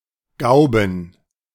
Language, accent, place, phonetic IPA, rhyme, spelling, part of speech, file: German, Germany, Berlin, [ˈɡaʊ̯bn̩], -aʊ̯bn̩, Gauben, noun, De-Gauben.ogg
- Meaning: plural of Gaube